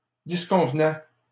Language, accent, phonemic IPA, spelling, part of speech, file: French, Canada, /dis.kɔ̃v.nɛ/, disconvenais, verb, LL-Q150 (fra)-disconvenais.wav
- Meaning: first/second-person singular imperfect indicative of disconvenir